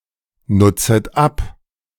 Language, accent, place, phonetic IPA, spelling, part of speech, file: German, Germany, Berlin, [ˌnʊt͡sət ˈap], nutzet ab, verb, De-nutzet ab.ogg
- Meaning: second-person plural subjunctive I of abnutzen